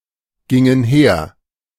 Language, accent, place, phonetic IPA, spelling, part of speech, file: German, Germany, Berlin, [ˌɡɪŋən ˈheːɐ̯], gingen her, verb, De-gingen her.ogg
- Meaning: first/third-person plural preterite of hergehen